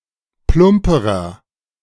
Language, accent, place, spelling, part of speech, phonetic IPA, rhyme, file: German, Germany, Berlin, plumperer, adjective, [ˈplʊmpəʁɐ], -ʊmpəʁɐ, De-plumperer.ogg
- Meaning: inflection of plump: 1. strong/mixed nominative masculine singular comparative degree 2. strong genitive/dative feminine singular comparative degree 3. strong genitive plural comparative degree